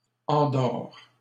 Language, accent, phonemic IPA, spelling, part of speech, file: French, Canada, /ɑ̃.dɔʁ/, endort, verb, LL-Q150 (fra)-endort.wav
- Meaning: third-person singular present indicative of endormir